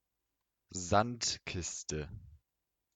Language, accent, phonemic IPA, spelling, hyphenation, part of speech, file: German, Germany, /ˈzantˌkɪstə/, Sandkiste, Sand‧kis‧te, noun, De-Sandkiste.ogg
- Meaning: sandbox